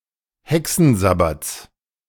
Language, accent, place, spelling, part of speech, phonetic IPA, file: German, Germany, Berlin, Hexensabbats, noun, [ˈhɛksn̩ˌzabat͡s], De-Hexensabbats.ogg
- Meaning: genitive singular of Hexensabbat